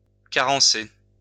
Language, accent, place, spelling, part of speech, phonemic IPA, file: French, France, Lyon, carencer, verb, /ka.ʁɑ̃.se/, LL-Q150 (fra)-carencer.wav
- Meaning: to cause a deficiency (in someone)